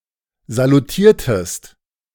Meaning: inflection of salutieren: 1. second-person singular preterite 2. second-person singular subjunctive II
- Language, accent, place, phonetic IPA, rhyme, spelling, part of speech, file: German, Germany, Berlin, [zaluˈtiːɐ̯təst], -iːɐ̯təst, salutiertest, verb, De-salutiertest.ogg